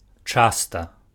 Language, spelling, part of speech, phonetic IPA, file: Belarusian, часта, adverb, [ˈt͡ʂasta], Be-часта.ogg
- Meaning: often, frequently